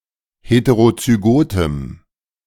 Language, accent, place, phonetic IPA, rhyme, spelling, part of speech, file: German, Germany, Berlin, [ˌheteʁot͡syˈɡoːtəm], -oːtəm, heterozygotem, adjective, De-heterozygotem.ogg
- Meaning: strong dative masculine/neuter singular of heterozygot